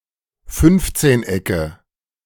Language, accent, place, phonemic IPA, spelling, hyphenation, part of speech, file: German, Germany, Berlin, /ˈfʏnftseːnˌ.ɛkə/, Fünfzehnecke, Fünf‧zehn‧ecke, noun, De-Fünfzehnecke.ogg
- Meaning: nominative/accusative/genitive plural of Fünfzehneck